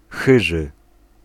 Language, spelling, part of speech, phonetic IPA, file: Polish, chyży, adjective, [ˈxɨʒɨ], Pl-chyży.ogg